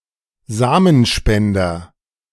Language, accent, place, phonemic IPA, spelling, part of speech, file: German, Germany, Berlin, /ˈzaːmənˌʃpɛndɐ/, Samenspender, noun, De-Samenspender.ogg
- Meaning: sperm donor